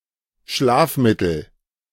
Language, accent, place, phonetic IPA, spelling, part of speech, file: German, Germany, Berlin, [ˈʃlaːfˌmɪtl̩], Schlafmittel, noun, De-Schlafmittel.ogg
- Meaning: soporific, hypnotic, sleeping pill